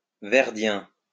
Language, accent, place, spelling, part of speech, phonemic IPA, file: French, France, Lyon, verdien, adjective, /vɛʁ.djɛ̃/, LL-Q150 (fra)-verdien.wav
- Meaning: Verdian